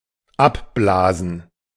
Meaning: 1. to blow off something (e.g., dust); to blow clear 2. to call off a hunt 3. to call off, to cancel (a planned activity or event)
- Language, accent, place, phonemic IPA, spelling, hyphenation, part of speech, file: German, Germany, Berlin, /ˈapˌblaːzn̩/, abblasen, ab‧bla‧sen, verb, De-abblasen.ogg